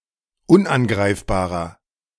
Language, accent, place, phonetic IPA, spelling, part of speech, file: German, Germany, Berlin, [ˈʊnʔanˌɡʁaɪ̯fbaːʁɐ], unangreifbarer, adjective, De-unangreifbarer.ogg
- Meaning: inflection of unangreifbar: 1. strong/mixed nominative masculine singular 2. strong genitive/dative feminine singular 3. strong genitive plural